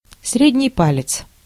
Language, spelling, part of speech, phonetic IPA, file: Russian, средний палец, noun, [ˈsrʲedʲnʲɪj ˈpalʲɪt͡s], Ru-средний палец.ogg
- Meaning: middle finger